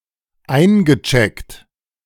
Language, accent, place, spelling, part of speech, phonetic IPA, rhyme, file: German, Germany, Berlin, eingecheckt, verb, [ˈaɪ̯nɡəˌt͡ʃɛkt], -aɪ̯nɡət͡ʃɛkt, De-eingecheckt.ogg
- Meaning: past participle of einchecken